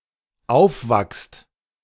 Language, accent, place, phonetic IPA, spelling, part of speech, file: German, Germany, Berlin, [ˈaʊ̯fˌvakst], aufwachst, verb, De-aufwachst.ogg
- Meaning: second-person singular dependent present of aufwachen